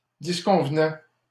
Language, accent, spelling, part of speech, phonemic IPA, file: French, Canada, disconvenait, verb, /dis.kɔ̃v.nɛ/, LL-Q150 (fra)-disconvenait.wav
- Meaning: third-person singular imperfect indicative of disconvenir